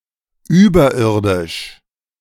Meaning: 1. above ground 2. supernal, unearthly
- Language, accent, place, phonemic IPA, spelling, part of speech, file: German, Germany, Berlin, /ˈyːbɐˌʔɪʁdɪʃ/, überirdisch, adjective, De-überirdisch.ogg